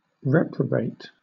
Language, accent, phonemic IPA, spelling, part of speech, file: English, Southern England, /ˈɹɛpɹəbeɪt/, reprobate, verb, LL-Q1860 (eng)-reprobate.wav
- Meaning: 1. To have strong disapproval of something; to reprove; to condemn 2. Of God: to abandon or reject, to deny eternal bliss 3. To refuse, set aside